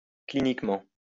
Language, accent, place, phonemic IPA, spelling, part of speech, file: French, France, Lyon, /kli.nik.mɑ̃/, cliniquement, adverb, LL-Q150 (fra)-cliniquement.wav
- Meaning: clinically